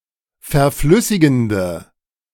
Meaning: inflection of verflüssigend: 1. strong/mixed nominative/accusative feminine singular 2. strong nominative/accusative plural 3. weak nominative all-gender singular
- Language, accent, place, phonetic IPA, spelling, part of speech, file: German, Germany, Berlin, [fɛɐ̯ˈflʏsɪɡn̩də], verflüssigende, adjective, De-verflüssigende.ogg